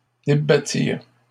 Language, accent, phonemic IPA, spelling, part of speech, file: French, Canada, /de.ba.tiʁ/, débattirent, verb, LL-Q150 (fra)-débattirent.wav
- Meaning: third-person plural past historic of débattre